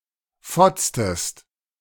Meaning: inflection of fotzen: 1. second-person singular preterite 2. second-person singular subjunctive II
- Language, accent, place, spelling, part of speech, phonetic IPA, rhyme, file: German, Germany, Berlin, fotztest, verb, [ˈfɔt͡stəst], -ɔt͡stəst, De-fotztest.ogg